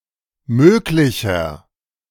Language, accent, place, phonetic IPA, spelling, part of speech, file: German, Germany, Berlin, [ˈmøːklɪçɐ], möglicher, adjective, De-möglicher.ogg
- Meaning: inflection of möglich: 1. strong/mixed nominative masculine singular 2. strong genitive/dative feminine singular 3. strong genitive plural